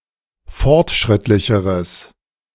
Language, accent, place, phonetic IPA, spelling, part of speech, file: German, Germany, Berlin, [ˈfɔʁtˌʃʁɪtlɪçəʁəs], fortschrittlicheres, adjective, De-fortschrittlicheres.ogg
- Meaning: strong/mixed nominative/accusative neuter singular comparative degree of fortschrittlich